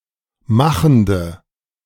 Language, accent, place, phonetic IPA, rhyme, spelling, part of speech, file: German, Germany, Berlin, [ˈmaxn̩də], -axn̩də, machende, adjective, De-machende.ogg
- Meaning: inflection of machend: 1. strong/mixed nominative/accusative feminine singular 2. strong nominative/accusative plural 3. weak nominative all-gender singular 4. weak accusative feminine/neuter singular